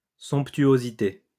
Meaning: 1. sumptuousness, magnificence 2. lavishness
- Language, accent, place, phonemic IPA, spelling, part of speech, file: French, France, Lyon, /sɔ̃p.tɥo.zi.te/, somptuosité, noun, LL-Q150 (fra)-somptuosité.wav